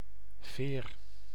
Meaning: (noun) 1. a feather, plume 2. a mechanical spring (e.g. metallic helix which resists stress) 3. a twisted leaf, notably of a fern 4. ferry
- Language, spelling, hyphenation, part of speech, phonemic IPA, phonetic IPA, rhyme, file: Dutch, veer, veer, noun / verb, /veːr/, [vɪːr], -eːr, Nl-veer.ogg